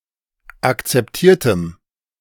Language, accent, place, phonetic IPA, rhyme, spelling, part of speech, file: German, Germany, Berlin, [akt͡sɛpˈtiːɐ̯təm], -iːɐ̯təm, akzeptiertem, adjective, De-akzeptiertem.ogg
- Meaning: strong dative masculine/neuter singular of akzeptiert